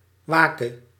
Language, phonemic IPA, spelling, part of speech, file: Dutch, /ˈʋaː.kə/, wake, noun / verb, Nl-wake.ogg
- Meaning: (noun) a wake (a gathering to remember a dead person); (verb) singular present subjunctive of waken